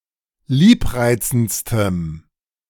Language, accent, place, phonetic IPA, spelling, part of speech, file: German, Germany, Berlin, [ˈliːpˌʁaɪ̯t͡sn̩t͡stəm], liebreizendstem, adjective, De-liebreizendstem.ogg
- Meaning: strong dative masculine/neuter singular superlative degree of liebreizend